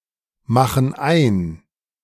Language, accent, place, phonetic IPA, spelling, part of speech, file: German, Germany, Berlin, [ˌmaxn̩ ˈaɪ̯n], machen ein, verb, De-machen ein.ogg
- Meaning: inflection of einmachen: 1. first/third-person plural present 2. first/third-person plural subjunctive I